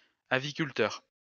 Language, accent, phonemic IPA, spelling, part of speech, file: French, France, /a.vi.kyl.tœʁ/, aviculteur, noun, LL-Q150 (fra)-aviculteur.wav
- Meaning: 1. birdkeeper 2. bird fancier 3. bird breeder 4. chicken farmer